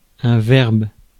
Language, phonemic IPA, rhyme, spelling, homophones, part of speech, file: French, /vɛʁb/, -ɛʁb, verbe, verbes, noun, Fr-verbe.ogg
- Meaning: 1. speech 2. tone of voice 3. way of speaking 4. verb